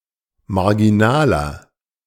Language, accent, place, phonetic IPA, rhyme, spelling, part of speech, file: German, Germany, Berlin, [maʁɡiˈnaːlɐ], -aːlɐ, marginaler, adjective, De-marginaler.ogg
- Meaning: inflection of marginal: 1. strong/mixed nominative masculine singular 2. strong genitive/dative feminine singular 3. strong genitive plural